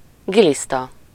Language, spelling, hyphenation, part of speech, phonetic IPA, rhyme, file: Hungarian, giliszta, gi‧lisz‧ta, noun, [ˈɡilistɒ], -tɒ, Hu-giliszta.ogg
- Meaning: 1. worm, especially an earthworm (an animal that typically has a long cylindrical tube-like body and no limbs) 2. tapeworm (any parasitical worm that infests the intestines of animals or humans)